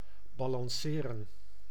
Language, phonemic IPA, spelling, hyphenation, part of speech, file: Dutch, /ˌbaː.lɑnˈseː.rə(n)/, balanceren, ba‧lan‧ce‧ren, verb, Nl-balanceren.ogg
- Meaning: 1. to balance (to maintain a balance, equipoise, etc.) 2. to balance (accounts)